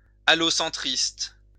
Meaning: allocentrist
- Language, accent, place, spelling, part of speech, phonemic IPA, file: French, France, Lyon, allocentriste, adjective, /a.lɔ.sɑ̃.tʁist/, LL-Q150 (fra)-allocentriste.wav